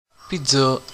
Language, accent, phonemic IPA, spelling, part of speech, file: French, Canada, /pid.za/, pizza, noun, Qc-pizza.ogg
- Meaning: pizza (Italian dish)